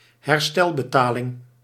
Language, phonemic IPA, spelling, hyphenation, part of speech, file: Dutch, /ɦɛrˈstɛl.bəˌtaː.lɪŋ/, herstelbetaling, her‧stel‧be‧ta‧ling, noun, Nl-herstelbetaling.ogg
- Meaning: reparation (imposed payment for presumed transgressions)